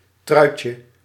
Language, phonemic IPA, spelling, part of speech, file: Dutch, /ˈtrœycə/, truitje, noun, Nl-truitje.ogg
- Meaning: diminutive of trui